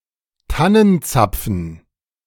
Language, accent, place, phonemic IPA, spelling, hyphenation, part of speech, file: German, Germany, Berlin, /ˈtanənˌt͡sap͡fn̩/, Tannenzapfen, Tan‧nen‧zap‧fen, noun, De-Tannenzapfen.ogg
- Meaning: fir-cone